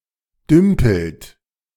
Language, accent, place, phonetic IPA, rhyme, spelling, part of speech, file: German, Germany, Berlin, [ˈdʏmpl̩t], -ʏmpl̩t, dümpelt, verb, De-dümpelt.ogg
- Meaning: inflection of dümpeln: 1. second-person plural present 2. third-person singular present 3. plural imperative